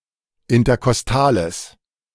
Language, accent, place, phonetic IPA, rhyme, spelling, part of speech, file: German, Germany, Berlin, [ɪntɐkɔsˈtaːləs], -aːləs, interkostales, adjective, De-interkostales.ogg
- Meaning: strong/mixed nominative/accusative neuter singular of interkostal